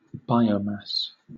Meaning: 1. The total mass of a living thing or a part thereof (such as a cell) 2. The total mass of all, or a specified category of, living things within a specific area, habitat, etc
- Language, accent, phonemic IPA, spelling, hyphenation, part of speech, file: English, Southern England, /ˈbaɪə(ʊ)mæs/, biomass, bi‧o‧mass, noun, LL-Q1860 (eng)-biomass.wav